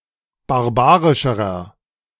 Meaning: inflection of barbarisch: 1. strong/mixed nominative masculine singular comparative degree 2. strong genitive/dative feminine singular comparative degree 3. strong genitive plural comparative degree
- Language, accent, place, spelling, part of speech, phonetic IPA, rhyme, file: German, Germany, Berlin, barbarischerer, adjective, [baʁˈbaːʁɪʃəʁɐ], -aːʁɪʃəʁɐ, De-barbarischerer.ogg